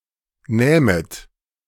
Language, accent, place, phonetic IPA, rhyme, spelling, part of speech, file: German, Germany, Berlin, [ˈnɛːmət], -ɛːmət, nähmet, verb, De-nähmet.ogg
- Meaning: second-person plural subjunctive II of nehmen